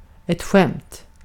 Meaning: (noun) a joke; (adjective) indefinite neuter singular of skämd; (verb) supine of skämma
- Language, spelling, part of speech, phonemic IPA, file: Swedish, skämt, noun / adjective / verb, /ɧɛmt/, Sv-skämt.ogg